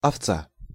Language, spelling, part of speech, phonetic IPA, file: Russian, овца, noun, [ɐfˈt͡sa], Ru-овца.ogg
- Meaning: 1. sheep (a domestic sheep of either gender) 2. ewe (a female domestic sheep) 3. cow (a stupid woman)